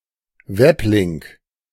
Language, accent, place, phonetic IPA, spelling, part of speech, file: German, Germany, Berlin, [ˈvɛpˌlɪŋk], Weblink, noun, De-Weblink.ogg
- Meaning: hyperlink